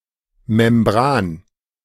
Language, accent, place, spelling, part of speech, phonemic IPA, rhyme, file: German, Germany, Berlin, Membran, noun, /mɛmˈbʁaːn/, -aːn, De-Membran.ogg
- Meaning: 1. membrane 2. diaphragm